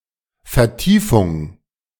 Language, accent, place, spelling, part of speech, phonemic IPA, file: German, Germany, Berlin, Vertiefung, noun, /ferˈtiːfʊŋ/, De-Vertiefung.ogg
- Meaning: 1. verbal noun of vertiefen: deepening (the act of making something deeper; the process of becoming deeper) 2. depression, recess (spot that is deeper/lower than its surroundings)